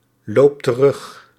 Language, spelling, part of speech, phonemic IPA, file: Dutch, loopt terug, verb, /ˈlopt t(ə)ˈrʏx/, Nl-loopt terug.ogg
- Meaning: inflection of teruglopen: 1. second/third-person singular present indicative 2. plural imperative